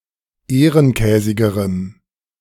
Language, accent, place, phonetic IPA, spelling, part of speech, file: German, Germany, Berlin, [ˈeːʁənˌkɛːzɪɡəʁəm], ehrenkäsigerem, adjective, De-ehrenkäsigerem.ogg
- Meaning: strong dative masculine/neuter singular comparative degree of ehrenkäsig